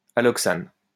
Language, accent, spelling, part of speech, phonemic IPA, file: French, France, alloxane, noun, /a.lɔk.san/, LL-Q150 (fra)-alloxane.wav
- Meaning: alloxan